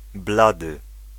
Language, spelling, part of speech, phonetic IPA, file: Polish, blady, adjective, [ˈbladɨ], Pl-blady.ogg